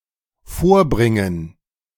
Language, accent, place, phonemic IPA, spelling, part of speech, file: German, Germany, Berlin, /ˈfoːʁˌbriŋən/, vorbringen, verb, De-vorbringen.ogg
- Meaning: to say (in the sense of to allege or state something)